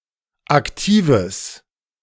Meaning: strong/mixed nominative/accusative neuter singular of aktiv
- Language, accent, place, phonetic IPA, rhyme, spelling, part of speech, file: German, Germany, Berlin, [akˈtiːvəs], -iːvəs, aktives, adjective, De-aktives.ogg